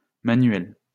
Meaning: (noun) plural of manuel
- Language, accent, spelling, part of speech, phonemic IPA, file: French, France, manuels, noun / adjective, /ma.nɥɛl/, LL-Q150 (fra)-manuels.wav